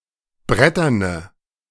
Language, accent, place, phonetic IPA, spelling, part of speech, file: German, Germany, Berlin, [ˈbʁɛtɐnə], bretterne, adjective, De-bretterne.ogg
- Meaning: inflection of brettern: 1. strong/mixed nominative/accusative feminine singular 2. strong nominative/accusative plural 3. weak nominative all-gender singular